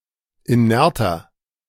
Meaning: 1. comparative degree of inert 2. inflection of inert: strong/mixed nominative masculine singular 3. inflection of inert: strong genitive/dative feminine singular
- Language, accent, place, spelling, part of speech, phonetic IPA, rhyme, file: German, Germany, Berlin, inerter, adjective, [iˈnɛʁtɐ], -ɛʁtɐ, De-inerter.ogg